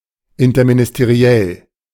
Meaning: interministerial
- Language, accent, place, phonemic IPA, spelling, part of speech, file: German, Germany, Berlin, /ɪntɐminɪsteˈʁi̯ɛl/, interministeriell, adjective, De-interministeriell.ogg